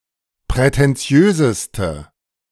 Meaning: inflection of prätentiös: 1. strong/mixed nominative/accusative feminine singular superlative degree 2. strong nominative/accusative plural superlative degree
- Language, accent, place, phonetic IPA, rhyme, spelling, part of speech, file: German, Germany, Berlin, [pʁɛtɛnˈt͡si̯øːzəstə], -øːzəstə, prätentiöseste, adjective, De-prätentiöseste.ogg